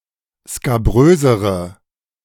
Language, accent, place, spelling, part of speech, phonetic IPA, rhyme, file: German, Germany, Berlin, skabrösere, adjective, [skaˈbʁøːzəʁə], -øːzəʁə, De-skabrösere.ogg
- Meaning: inflection of skabrös: 1. strong/mixed nominative/accusative feminine singular comparative degree 2. strong nominative/accusative plural comparative degree